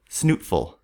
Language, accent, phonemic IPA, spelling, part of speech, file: English, US, /ˈsnuːtfʊl/, snootful, noun, En-us-snootful.ogg
- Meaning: 1. A noseful 2. A significant ingested quantity of an alcoholic beverage